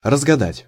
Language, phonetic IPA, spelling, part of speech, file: Russian, [rəzɡɐˈdatʲ], разгадать, verb, Ru-разгадать.ogg
- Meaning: 1. to unravel 2. to guess, to divine